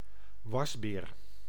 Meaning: raccoon (carnivore of the genus Procyon)
- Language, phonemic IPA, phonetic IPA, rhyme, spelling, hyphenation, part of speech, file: Dutch, /ˈʋɑsˌbeːr/, [ˈʋɑzbɪːr], -ɑsbeːr, wasbeer, was‧beer, noun, Nl-wasbeer.ogg